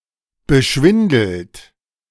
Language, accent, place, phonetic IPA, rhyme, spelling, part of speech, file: German, Germany, Berlin, [bəˈʃvɪndl̩t], -ɪndl̩t, beschwindelt, verb, De-beschwindelt.ogg
- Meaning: 1. past participle of beschwindeln 2. inflection of beschwindeln: third-person singular present 3. inflection of beschwindeln: second-person plural present